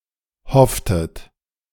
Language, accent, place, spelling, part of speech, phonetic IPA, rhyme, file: German, Germany, Berlin, hofftet, verb, [ˈhɔftət], -ɔftət, De-hofftet.ogg
- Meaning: inflection of hoffen: 1. second-person plural preterite 2. second-person plural subjunctive II